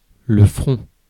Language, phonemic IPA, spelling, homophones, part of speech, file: French, /fʁɔ̃/, front, ferons / feront, noun, Fr-front.ogg
- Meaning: 1. forehead 2. front, frontline